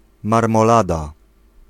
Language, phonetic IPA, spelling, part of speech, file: Polish, [ˌmarmɔˈlada], marmolada, noun, Pl-marmolada.ogg